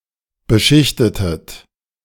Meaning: inflection of beschichten: 1. second-person plural preterite 2. second-person plural subjunctive II
- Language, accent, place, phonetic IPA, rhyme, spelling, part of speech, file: German, Germany, Berlin, [bəˈʃɪçtətət], -ɪçtətət, beschichtetet, verb, De-beschichtetet.ogg